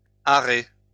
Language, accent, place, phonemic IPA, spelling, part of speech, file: French, France, Lyon, /a.ʁe/, arrher, verb, LL-Q150 (fra)-arrher.wav
- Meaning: to give down payment